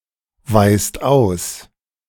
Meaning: inflection of ausweisen: 1. second/third-person singular present 2. second-person plural present 3. plural imperative
- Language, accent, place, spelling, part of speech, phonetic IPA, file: German, Germany, Berlin, weist aus, verb, [ˌvaɪ̯st ˈaʊ̯s], De-weist aus.ogg